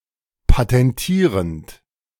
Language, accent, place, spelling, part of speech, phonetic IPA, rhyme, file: German, Germany, Berlin, patentierend, verb, [patɛnˈtiːʁənt], -iːʁənt, De-patentierend.ogg
- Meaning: present participle of patentieren